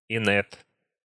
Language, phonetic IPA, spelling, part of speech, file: Russian, [ɪˈnɛt], инет, noun, Ru-инет.ogg
- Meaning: the Internet